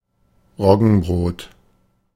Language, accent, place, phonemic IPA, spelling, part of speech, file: German, Germany, Berlin, /ˈʁɔɡən.bʁoːt/, Roggenbrot, noun, De-Roggenbrot.ogg
- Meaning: roggenbrot, rye bread